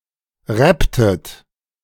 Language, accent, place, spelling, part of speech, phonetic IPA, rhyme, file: German, Germany, Berlin, rapptet, verb, [ˈʁɛptət], -ɛptət, De-rapptet.ogg
- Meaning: inflection of rappen: 1. second-person plural preterite 2. second-person plural subjunctive II